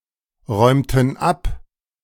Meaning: inflection of abräumen: 1. first/third-person plural preterite 2. first/third-person plural subjunctive II
- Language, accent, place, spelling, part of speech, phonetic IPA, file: German, Germany, Berlin, räumten ab, verb, [ˌʁɔɪ̯mtn̩ ˈap], De-räumten ab.ogg